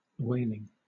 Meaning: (noun) 1. The practice of hunting whales 2. The practice of spotting whales 3. A beating 4. A form of highly personalized cyberattack that targets a senior business executive
- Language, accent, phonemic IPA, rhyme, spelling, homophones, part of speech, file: English, Southern England, /ˈweɪlɪŋ/, -eɪlɪŋ, whaling, wailing / waling, noun / verb, LL-Q1860 (eng)-whaling.wav